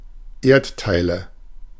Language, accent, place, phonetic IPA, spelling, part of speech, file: German, Germany, Berlin, [ˈeːɐ̯tˌtaɪ̯lə], Erdteile, noun, De-Erdteile.ogg
- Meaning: nominative/accusative/genitive plural of Erdteil